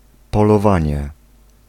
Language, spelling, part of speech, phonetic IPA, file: Polish, polowanie, noun, [ˌpɔlɔˈvãɲɛ], Pl-polowanie.ogg